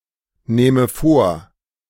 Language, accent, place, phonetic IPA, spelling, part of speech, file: German, Germany, Berlin, [ˌnɛːmə ˈfoːɐ̯], nähme vor, verb, De-nähme vor.ogg
- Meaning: first/third-person singular subjunctive II of vornehmen